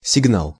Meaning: signal
- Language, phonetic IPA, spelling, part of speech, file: Russian, [sʲɪɡˈnaɫ], сигнал, noun, Ru-сигнал.ogg